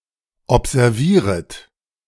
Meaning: second-person plural subjunctive I of observieren
- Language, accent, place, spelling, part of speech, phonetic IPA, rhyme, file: German, Germany, Berlin, observieret, verb, [ɔpzɛʁˈviːʁət], -iːʁət, De-observieret.ogg